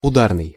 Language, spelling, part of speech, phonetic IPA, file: Russian, ударный, adjective, [ʊˈdarnɨj], Ru-ударный.ogg
- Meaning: 1. hit, strike, percussion, shock, impact; percussive 2. accelerated, shock (of work) 3. shock 4. stressed 5. effective, giving a quick result